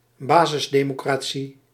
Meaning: grassroots democracy
- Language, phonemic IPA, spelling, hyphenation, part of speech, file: Dutch, /ˈbaː.zɪs.deː.moː.kraːˌ(t)si/, basisdemocratie, ba‧sis‧de‧mo‧cra‧tie, noun, Nl-basisdemocratie.ogg